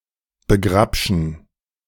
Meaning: alternative spelling of begrapschen
- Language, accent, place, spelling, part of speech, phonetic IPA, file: German, Germany, Berlin, begrabschen, verb, [bəˈɡʁapʃn̩], De-begrabschen.ogg